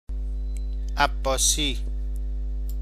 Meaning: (adjective) Abbasid; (noun) abbasi (coin of Persia); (proper noun) a surname, Abbasi
- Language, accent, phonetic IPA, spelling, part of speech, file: Persian, Iran, [ʔæb.bɒː.síː], عباسی, adjective / noun / proper noun, Fa-عباسی.ogg